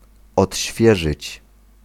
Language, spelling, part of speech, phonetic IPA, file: Polish, odświeżyć, verb, [ɔtʲˈɕfʲjɛʒɨt͡ɕ], Pl-odświeżyć.ogg